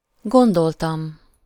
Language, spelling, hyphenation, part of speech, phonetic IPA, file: Hungarian, gondoltam, gon‧dol‧tam, verb, [ˈɡondoltɒm], Hu-gondoltam.ogg
- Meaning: 1. first-person singular indicative past indefinite of gondol 2. first-person singular indicative past definite of gondol